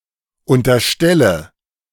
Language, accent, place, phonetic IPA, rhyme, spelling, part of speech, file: German, Germany, Berlin, [ˌʊntɐˈʃtɛlə], -ɛlə, unterstelle, verb, De-unterstelle.ogg
- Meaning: inflection of unterstellen: 1. first-person singular present 2. first/third-person singular subjunctive I 3. singular imperative